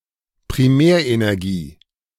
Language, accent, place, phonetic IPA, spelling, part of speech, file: German, Germany, Berlin, [pʁiˈmɛːɐ̯ʔenɛʁˌɡiː], Primärenergie, noun, De-Primärenergie.ogg
- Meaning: primary (source of) energy (i.e. natural, not converted to another form)